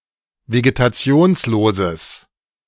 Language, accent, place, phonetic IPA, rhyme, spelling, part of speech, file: German, Germany, Berlin, [veɡetaˈt͡si̯oːnsloːzəs], -oːnsloːzəs, vegetationsloses, adjective, De-vegetationsloses.ogg
- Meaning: strong/mixed nominative/accusative neuter singular of vegetationslos